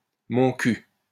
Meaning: my ass (indicator of disbelief)
- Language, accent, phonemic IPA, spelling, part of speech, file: French, France, /mɔ̃ ky/, mon cul, interjection, LL-Q150 (fra)-mon cul.wav